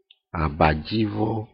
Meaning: bedsheet
- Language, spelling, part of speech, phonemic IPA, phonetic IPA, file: Ewe, abadzivɔ, noun, /à.bà.d͡zǐ.vɔ́/, [à.bà.d͡ʒǐ.v͈ɔ́], Ee-abadzivɔ.ogg